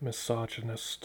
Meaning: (noun) 1. One who professes misogyny; a hater of women 2. One who displays prejudice against or looks down upon women; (adjective) Misogynistic; relating to or exhibiting misogyny
- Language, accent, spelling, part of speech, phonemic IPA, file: English, US, misogynist, noun / adjective, /mɪˈsɑd͡ʒ.ən.ɪst/, Misogynist US.ogg